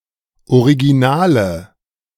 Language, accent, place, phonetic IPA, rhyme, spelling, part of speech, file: German, Germany, Berlin, [oʁiɡiˈnaːlə], -aːlə, originale, adjective, De-originale.ogg
- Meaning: inflection of original: 1. strong/mixed nominative/accusative feminine singular 2. strong nominative/accusative plural 3. weak nominative all-gender singular